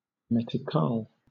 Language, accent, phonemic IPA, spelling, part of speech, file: English, Southern England, /ˌmɛtɪˈkɑːl/, metical, noun, LL-Q1860 (eng)-metical.wav
- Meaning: 1. The currency of Mozambique, divided into 100 centavos 2. Alternative form of mithqal (“unit of weight”)